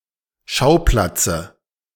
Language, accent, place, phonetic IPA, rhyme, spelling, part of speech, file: German, Germany, Berlin, [ˈʃaʊ̯ˌplat͡sə], -aʊ̯plat͡sə, Schauplatze, noun, De-Schauplatze.ogg
- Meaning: dative of Schauplatz